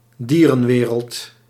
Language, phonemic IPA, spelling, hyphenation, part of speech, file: Dutch, /ˈdiː.rə(n)ˌʋeː.rəlt/, dierenwereld, die‧ren‧we‧reld, noun, Nl-dierenwereld.ogg
- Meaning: fauna, animal kingdom